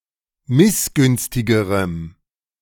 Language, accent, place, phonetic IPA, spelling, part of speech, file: German, Germany, Berlin, [ˈmɪsˌɡʏnstɪɡəʁəm], missgünstigerem, adjective, De-missgünstigerem.ogg
- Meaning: strong dative masculine/neuter singular comparative degree of missgünstig